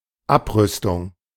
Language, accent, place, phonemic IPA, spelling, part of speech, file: German, Germany, Berlin, /ˈapʁʏstʊŋ/, Abrüstung, noun, De-Abrüstung.ogg
- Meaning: disarmament